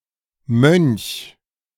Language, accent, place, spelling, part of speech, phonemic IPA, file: German, Germany, Berlin, Mönch, noun, /mœnç/, De-Mönch.ogg
- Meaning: 1. monk 2. blackcap